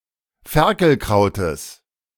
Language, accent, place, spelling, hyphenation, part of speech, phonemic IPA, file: German, Germany, Berlin, Ferkelkrautes, Fer‧kel‧krau‧tes, noun, /ˈfɛʁkl̩ˌkʁaʊ̯təs/, De-Ferkelkrautes.ogg
- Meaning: genitive singular of Ferkelkraut